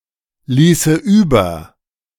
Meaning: first/third-person singular subjunctive II of überlassen
- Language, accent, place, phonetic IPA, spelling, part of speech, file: German, Germany, Berlin, [ˌliːsə ˈyːbɐ], ließe über, verb, De-ließe über.ogg